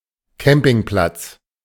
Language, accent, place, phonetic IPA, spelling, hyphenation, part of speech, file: German, Germany, Berlin, [ˈkɛmpɪŋˌplats], Campingplatz, Cam‧ping‧platz, noun, De-Campingplatz.ogg
- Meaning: an area where people may place tents, caravans, and the like; a campsite; a caravan site